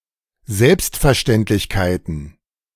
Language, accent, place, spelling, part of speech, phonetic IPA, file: German, Germany, Berlin, Selbstverständlichkeiten, noun, [ˈzɛlpstfɛɐ̯ˌʃtɛntlɪçkaɪ̯tn̩], De-Selbstverständlichkeiten.ogg
- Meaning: plural of Selbstverständlichkeit